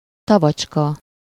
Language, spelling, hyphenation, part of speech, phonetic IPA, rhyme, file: Hungarian, tavacska, ta‧vacs‧ka, noun, [ˈtɒvɒt͡ʃkɒ], -kɒ, Hu-tavacska.ogg
- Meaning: lakelet, pond